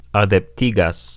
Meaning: present of adeptigi
- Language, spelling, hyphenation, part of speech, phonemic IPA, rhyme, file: Esperanto, adeptigas, a‧dep‧ti‧gas, verb, /a.depˈti.ɡas/, -iɡas, Eo-adeptigas.ogg